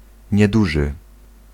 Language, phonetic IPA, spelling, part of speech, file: Polish, [ɲɛˈduʒɨ], nieduży, adjective, Pl-nieduży.ogg